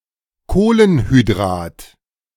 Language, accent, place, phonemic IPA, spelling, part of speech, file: German, Germany, Berlin, /ˈkoːlənhyˌdʁaːt/, Kohlenhydrat, noun, De-Kohlenhydrat.ogg
- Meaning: carbohydrate